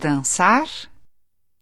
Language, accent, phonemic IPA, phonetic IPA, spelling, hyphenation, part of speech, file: Portuguese, Brazil, /dɐ̃ˈsa(ʁ)/, [dɐ̃ˈsa(h)], dançar, dan‧çar, verb, Pt-dançar.ogg
- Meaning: 1. to dance 2. to fail, be unsuccessful 3. to oscillate (particularly fire)